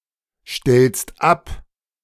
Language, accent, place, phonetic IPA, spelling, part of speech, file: German, Germany, Berlin, [ˌʃtɛlst ˈap], stellst ab, verb, De-stellst ab.ogg
- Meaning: second-person singular present of abstellen